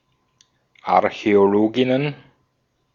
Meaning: plural of Archäologin
- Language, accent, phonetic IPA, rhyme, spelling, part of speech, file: German, Austria, [aʁçɛoˈloːɡɪnən], -oːɡɪnən, Archäologinnen, noun, De-at-Archäologinnen.ogg